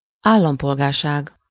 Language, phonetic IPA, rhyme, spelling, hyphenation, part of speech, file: Hungarian, [ˈaːlːɒmpolɡaːrʃaːɡ], -aːɡ, állampolgárság, ál‧lam‧pol‧gár‧ság, noun, Hu-állampolgárság.ogg
- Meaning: citizenship (the state of being a citizen; the status of a citizen)